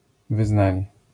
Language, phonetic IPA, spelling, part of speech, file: Polish, [vɨˈznãɲɛ], wyznanie, noun, LL-Q809 (pol)-wyznanie.wav